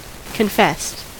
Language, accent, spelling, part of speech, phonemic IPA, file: English, US, confessed, verb / adjective, /kənˈfɛst/, En-us-confessed.ogg
- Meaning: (verb) simple past and past participle of confess; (adjective) Which one admits or avows